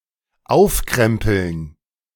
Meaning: to roll up
- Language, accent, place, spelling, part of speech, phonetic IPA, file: German, Germany, Berlin, aufkrempeln, verb, [ˈaʊ̯fˌkʁɛmpl̩n], De-aufkrempeln.ogg